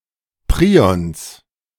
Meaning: genitive singular of Prion
- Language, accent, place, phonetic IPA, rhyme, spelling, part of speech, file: German, Germany, Berlin, [ˈpʁiɔns], -iːɔns, Prions, noun, De-Prions.ogg